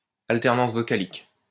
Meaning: apophony, umlaut, ablaut, vowel alternation
- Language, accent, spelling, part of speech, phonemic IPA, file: French, France, alternance vocalique, noun, /al.tɛʁ.nɑ̃s vɔ.ka.lik/, LL-Q150 (fra)-alternance vocalique.wav